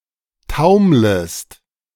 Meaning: second-person singular subjunctive I of taumeln
- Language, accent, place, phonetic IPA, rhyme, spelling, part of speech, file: German, Germany, Berlin, [ˈtaʊ̯mləst], -aʊ̯mləst, taumlest, verb, De-taumlest.ogg